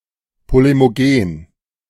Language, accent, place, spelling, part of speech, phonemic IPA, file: German, Germany, Berlin, polemogen, adjective, /ˌpolemoˈɡeːn/, De-polemogen.ogg
- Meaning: polemic